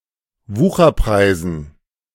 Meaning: dative plural of Wucherpreis
- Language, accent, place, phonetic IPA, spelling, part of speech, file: German, Germany, Berlin, [ˈvuːxɐˌpʁaɪ̯zn̩], Wucherpreisen, noun, De-Wucherpreisen.ogg